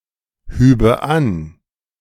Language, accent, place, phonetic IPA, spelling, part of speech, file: German, Germany, Berlin, [ˌhyːbə ˈan], hübe an, verb, De-hübe an.ogg
- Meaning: first/third-person singular subjunctive II of anheben